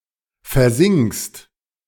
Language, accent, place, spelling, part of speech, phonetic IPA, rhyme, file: German, Germany, Berlin, versinkst, verb, [fɛɐ̯ˈzɪŋkst], -ɪŋkst, De-versinkst.ogg
- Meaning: second-person singular present of versinken